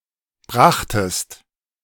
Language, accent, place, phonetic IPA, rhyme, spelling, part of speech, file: German, Germany, Berlin, [ˈbʁaxtəst], -axtəst, brachtest, verb, De-brachtest.ogg
- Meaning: second-person singular preterite of bringen